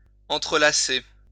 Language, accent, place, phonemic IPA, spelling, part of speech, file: French, France, Lyon, /ɑ̃.tʁə.la.se/, entrelacer, verb, LL-Q150 (fra)-entrelacer.wav
- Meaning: to interlock; to interweave